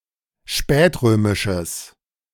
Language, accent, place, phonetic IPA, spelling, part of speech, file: German, Germany, Berlin, [ˈʃpɛːtˌʁøːmɪʃəs], spätrömisches, adjective, De-spätrömisches.ogg
- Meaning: strong/mixed nominative/accusative neuter singular of spätrömisch